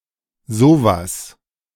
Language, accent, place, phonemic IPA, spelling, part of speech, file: German, Germany, Berlin, /ˈzoːvas/, sowas, pronoun, De-sowas.ogg
- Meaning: that sort of thing, something like this